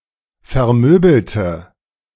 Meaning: inflection of vermöbeln: 1. first/third-person singular preterite 2. first/third-person singular subjunctive II
- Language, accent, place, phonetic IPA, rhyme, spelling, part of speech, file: German, Germany, Berlin, [fɛɐ̯ˈmøːbl̩tə], -øːbl̩tə, vermöbelte, adjective / verb, De-vermöbelte.ogg